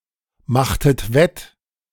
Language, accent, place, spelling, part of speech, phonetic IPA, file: German, Germany, Berlin, machtet wett, verb, [ˌmaxtət ˈvɛt], De-machtet wett.ogg
- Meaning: inflection of wettmachen: 1. second-person plural preterite 2. second-person plural subjunctive II